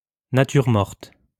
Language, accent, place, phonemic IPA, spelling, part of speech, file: French, France, Lyon, /na.tyʁ mɔʁt/, nature morte, noun, LL-Q150 (fra)-nature morte.wav
- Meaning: still life (work of art)